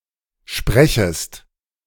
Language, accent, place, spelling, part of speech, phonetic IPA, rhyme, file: German, Germany, Berlin, sprechest, verb, [ˈʃpʁɛçəst], -ɛçəst, De-sprechest.ogg
- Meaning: second-person singular subjunctive I of sprechen